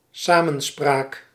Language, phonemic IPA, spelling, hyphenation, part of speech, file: Dutch, /ˈsaː.mə(n)ˌspraːk/, samenspraak, samen‧spraak, noun, Nl-samenspraak.ogg
- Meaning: 1. consultation 2. discussion, dialogue, conversation